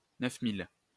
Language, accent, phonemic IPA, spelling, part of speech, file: French, France, /nœf.mil/, neuf-mille, numeral, LL-Q150 (fra)-neuf-mille.wav
- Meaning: nine thousand